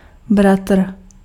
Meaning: brother
- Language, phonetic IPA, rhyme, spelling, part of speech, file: Czech, [ˈbratr̩], -atr̩, bratr, noun, Cs-bratr.ogg